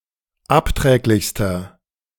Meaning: inflection of abträglich: 1. strong/mixed nominative masculine singular superlative degree 2. strong genitive/dative feminine singular superlative degree 3. strong genitive plural superlative degree
- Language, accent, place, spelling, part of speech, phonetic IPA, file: German, Germany, Berlin, abträglichster, adjective, [ˈapˌtʁɛːklɪçstɐ], De-abträglichster.ogg